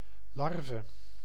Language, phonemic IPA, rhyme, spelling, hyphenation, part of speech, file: Dutch, /ˈlɑr.və/, -ɑrvə, larve, lar‧ve, noun, Nl-larve.ogg
- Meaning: grub, larva (juvenile stage of metabolous insects)